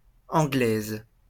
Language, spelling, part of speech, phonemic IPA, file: French, Anglaise, noun, /ɑ̃.ɡlɛz/, LL-Q150 (fra)-Anglaise.wav
- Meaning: female equivalent of Anglais